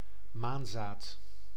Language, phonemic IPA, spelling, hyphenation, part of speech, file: Dutch, /ˈmaːn.zaːt/, maanzaad, maan‧zaad, noun, Nl-maanzaad.ogg
- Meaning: poppy seed, the tiny seed(s) of a member of the genus Papaver, especially of the intoxicating poppy which produces opium